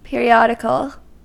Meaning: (noun) A publication issued regularly, but less frequently than daily
- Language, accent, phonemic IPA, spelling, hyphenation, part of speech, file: English, US, /ˌpɪɹiˈɑdɪkl̩/, periodical, pe‧ri‧od‧i‧cal, noun / adjective, En-us-periodical.ogg